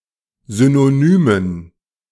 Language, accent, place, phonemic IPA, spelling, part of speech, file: German, Germany, Berlin, /ˌzynoˈnyːmən/, synonymen, adjective, De-synonymen.ogg
- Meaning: inflection of synonym: 1. strong genitive masculine/neuter singular 2. weak/mixed genitive/dative all-gender singular 3. strong/weak/mixed accusative masculine singular 4. strong dative plural